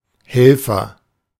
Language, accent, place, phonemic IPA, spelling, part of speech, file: German, Germany, Berlin, /ˈhɛlfɐ/, Helfer, noun, De-Helfer.ogg
- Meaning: agent noun of helfen: helper, aide, assistant, auxiliary, hand (person)